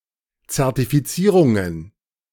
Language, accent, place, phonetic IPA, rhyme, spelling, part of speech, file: German, Germany, Berlin, [t͡sɛʁtifiˈt͡siːʁʊŋən], -iːʁʊŋən, Zertifizierungen, noun, De-Zertifizierungen.ogg
- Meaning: plural of Zertifizierung